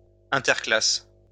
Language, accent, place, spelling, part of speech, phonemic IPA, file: French, France, Lyon, interclasse, noun, /ɛ̃.tɛʁ.klas/, LL-Q150 (fra)-interclasse.wav
- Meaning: break (between lessons), recess